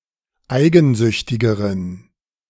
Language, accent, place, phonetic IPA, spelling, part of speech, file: German, Germany, Berlin, [ˈaɪ̯ɡn̩ˌzʏçtɪɡəʁən], eigensüchtigeren, adjective, De-eigensüchtigeren.ogg
- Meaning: inflection of eigensüchtig: 1. strong genitive masculine/neuter singular comparative degree 2. weak/mixed genitive/dative all-gender singular comparative degree